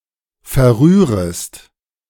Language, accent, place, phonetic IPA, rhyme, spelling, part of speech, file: German, Germany, Berlin, [fɛɐ̯ˈʁyːʁəst], -yːʁəst, verrührest, verb, De-verrührest.ogg
- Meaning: second-person singular subjunctive I of verrühren